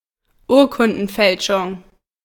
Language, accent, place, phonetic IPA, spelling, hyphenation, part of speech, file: German, Germany, Berlin, [ˈuːɐ̯kʊndn̩ˌfɛlʃʊŋ], Urkundenfälschung, Ur‧kun‧den‧fäl‧schung, noun, De-Urkundenfälschung.ogg
- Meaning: falsification of a document